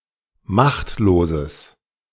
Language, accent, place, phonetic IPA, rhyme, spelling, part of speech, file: German, Germany, Berlin, [ˈmaxtloːzəs], -axtloːzəs, machtloses, adjective, De-machtloses.ogg
- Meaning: strong/mixed nominative/accusative neuter singular of machtlos